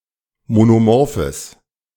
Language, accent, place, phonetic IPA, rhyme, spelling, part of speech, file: German, Germany, Berlin, [monoˈmɔʁfəs], -ɔʁfəs, monomorphes, adjective, De-monomorphes.ogg
- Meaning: strong/mixed nominative/accusative neuter singular of monomorph